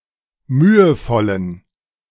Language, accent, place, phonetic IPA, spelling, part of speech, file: German, Germany, Berlin, [ˈmyːəˌfɔlən], mühevollen, adjective, De-mühevollen.ogg
- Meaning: inflection of mühevoll: 1. strong genitive masculine/neuter singular 2. weak/mixed genitive/dative all-gender singular 3. strong/weak/mixed accusative masculine singular 4. strong dative plural